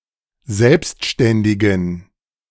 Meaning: inflection of selbstständig: 1. strong genitive masculine/neuter singular 2. weak/mixed genitive/dative all-gender singular 3. strong/weak/mixed accusative masculine singular 4. strong dative plural
- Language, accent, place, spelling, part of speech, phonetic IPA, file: German, Germany, Berlin, selbstständigen, adjective, [ˈzɛlpstʃtɛndɪɡn̩], De-selbstständigen.ogg